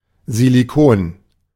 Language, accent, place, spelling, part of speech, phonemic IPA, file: German, Germany, Berlin, Silikon, noun, /ziliˈkoːn/, De-Silikon.ogg
- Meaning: silicone